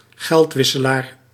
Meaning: money changer
- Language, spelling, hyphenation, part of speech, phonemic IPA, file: Dutch, geldwisselaar, geld‧wis‧se‧laar, noun, /ˈɣɛltˌʋɪ.sə.laːr/, Nl-geldwisselaar.ogg